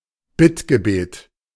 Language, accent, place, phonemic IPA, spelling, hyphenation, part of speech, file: German, Germany, Berlin, /ˈbɪtɡəˌbeːt/, Bittgebet, Bitt‧ge‧bet, noun, De-Bittgebet.ogg
- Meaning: supplication